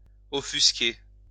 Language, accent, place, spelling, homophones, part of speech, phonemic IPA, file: French, France, Lyon, offusquer, offusquai / offusqué / offusquée / offusquées / offusqués / offusquez, verb, /ɔ.fys.ke/, LL-Q150 (fra)-offusquer.wav
- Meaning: 1. to offend 2. to be offended (by), to take offence (at)